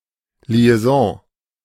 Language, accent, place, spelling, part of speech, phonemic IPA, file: German, Germany, Berlin, Liaison, noun, /li̯ɛˈzɔ̃ː/, De-Liaison.ogg
- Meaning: 1. liaison (tryst or illicit sexual affair) 2. liaison